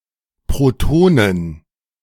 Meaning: plural of Proton
- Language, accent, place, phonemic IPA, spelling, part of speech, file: German, Germany, Berlin, /pʁoˈtoːnən/, Protonen, noun, De-Protonen.ogg